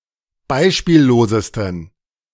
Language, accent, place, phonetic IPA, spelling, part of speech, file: German, Germany, Berlin, [ˈbaɪ̯ʃpiːlloːzəstn̩], beispiellosesten, adjective, De-beispiellosesten.ogg
- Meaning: 1. superlative degree of beispiellos 2. inflection of beispiellos: strong genitive masculine/neuter singular superlative degree